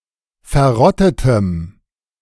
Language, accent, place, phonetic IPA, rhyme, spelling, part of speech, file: German, Germany, Berlin, [fɛɐ̯ˈʁɔtətəm], -ɔtətəm, verrottetem, adjective, De-verrottetem.ogg
- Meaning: strong dative masculine/neuter singular of verrottet